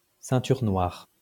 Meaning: 1. black belt (the belt itself) 2. black belt (someone who has attained a black belt)
- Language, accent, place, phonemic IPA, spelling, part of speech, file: French, France, Lyon, /sɛ̃.tyʁ nwaʁ/, ceinture noire, noun, LL-Q150 (fra)-ceinture noire.wav